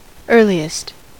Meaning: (adjective) superlative form of early: most early
- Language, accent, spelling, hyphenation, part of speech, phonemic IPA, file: English, US, earliest, ear‧li‧est, adjective / adverb, /ˈɝ.li.ɪst/, En-us-earliest.ogg